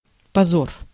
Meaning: shame, disgrace, infamy, humiliation
- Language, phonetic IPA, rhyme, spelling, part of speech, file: Russian, [pɐˈzor], -or, позор, noun, Ru-позор.ogg